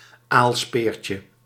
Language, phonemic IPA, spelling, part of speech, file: Dutch, /ˈalspercə/, aalspeertje, noun, Nl-aalspeertje.ogg
- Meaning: diminutive of aalspeer